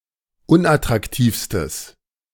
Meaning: strong/mixed nominative/accusative neuter singular superlative degree of unattraktiv
- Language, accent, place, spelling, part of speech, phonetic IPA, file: German, Germany, Berlin, unattraktivstes, adjective, [ˈʊnʔatʁakˌtiːfstəs], De-unattraktivstes.ogg